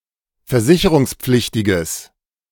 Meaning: strong/mixed nominative/accusative neuter singular of versicherungspflichtig
- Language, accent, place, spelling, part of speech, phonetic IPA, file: German, Germany, Berlin, versicherungspflichtiges, adjective, [fɛɐ̯ˈzɪçəʁʊŋsˌp͡flɪçtɪɡəs], De-versicherungspflichtiges.ogg